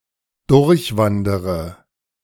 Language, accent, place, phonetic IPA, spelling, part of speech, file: German, Germany, Berlin, [ˈdʊʁçˌvandəʁə], durchwandere, verb, De-durchwandere.ogg
- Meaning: inflection of durchwandern: 1. first-person singular present 2. first-person plural subjunctive I 3. third-person singular subjunctive I 4. singular imperative